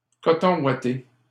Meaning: sweatshirt, hoodie
- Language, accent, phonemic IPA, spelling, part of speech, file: French, Canada, /kɔ.tɔ̃ wa.te/, coton ouaté, noun, LL-Q150 (fra)-coton ouaté.wav